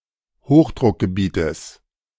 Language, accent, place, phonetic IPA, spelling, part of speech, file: German, Germany, Berlin, [ˈhoːxdʁʊkɡəˌbiːtəs], Hochdruckgebietes, noun, De-Hochdruckgebietes.ogg
- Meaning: genitive singular of Hochdruckgebiet